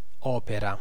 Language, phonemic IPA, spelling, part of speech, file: Italian, /ˈɔpera/, opera, noun / verb, It-opera.ogg